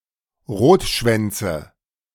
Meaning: nominative/accusative/genitive plural of Rotschwanz
- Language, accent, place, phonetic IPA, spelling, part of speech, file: German, Germany, Berlin, [ˈʁoːtˌʃvɛnt͡sə], Rotschwänze, noun, De-Rotschwänze.ogg